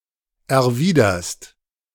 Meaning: second-person singular present of erwidern
- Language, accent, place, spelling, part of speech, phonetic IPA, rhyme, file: German, Germany, Berlin, erwiderst, verb, [ɛɐ̯ˈviːdɐst], -iːdɐst, De-erwiderst.ogg